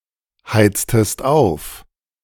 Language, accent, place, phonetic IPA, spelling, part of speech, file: German, Germany, Berlin, [ˌhaɪ̯t͡stəst ˈaʊ̯f], heiztest auf, verb, De-heiztest auf.ogg
- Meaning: inflection of aufheizen: 1. second-person singular preterite 2. second-person singular subjunctive II